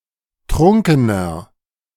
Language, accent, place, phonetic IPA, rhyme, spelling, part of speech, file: German, Germany, Berlin, [ˈtʁʊŋkənɐ], -ʊŋkənɐ, trunkener, adjective, De-trunkener.ogg
- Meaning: 1. comparative degree of trunken 2. inflection of trunken: strong/mixed nominative masculine singular 3. inflection of trunken: strong genitive/dative feminine singular